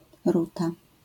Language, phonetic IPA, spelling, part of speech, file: Polish, [ˈruta], ruta, noun, LL-Q809 (pol)-ruta.wav